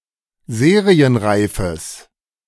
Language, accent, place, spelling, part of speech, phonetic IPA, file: German, Germany, Berlin, serienreifes, adjective, [ˈzeːʁiənˌʁaɪ̯fəs], De-serienreifes.ogg
- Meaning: strong/mixed nominative/accusative neuter singular of serienreif